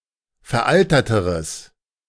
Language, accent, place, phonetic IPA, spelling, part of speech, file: German, Germany, Berlin, [fɛɐ̯ˈʔaltɐtəʁəs], veralterteres, adjective, De-veralterteres.ogg
- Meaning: strong/mixed nominative/accusative neuter singular comparative degree of veraltert